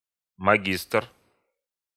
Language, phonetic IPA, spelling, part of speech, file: Russian, [mɐˈɡʲistr], магистр, noun, Ru-магистр.ogg
- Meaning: 1. master (holder of a master's degree) 2. Grand Master (the head of a medieval chivalric or religious order, and their title)